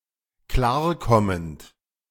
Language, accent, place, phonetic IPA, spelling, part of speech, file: German, Germany, Berlin, [ˈklaːɐ̯ˌkɔmənt], klarkommend, verb, De-klarkommend.ogg
- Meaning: present participle of klarkommen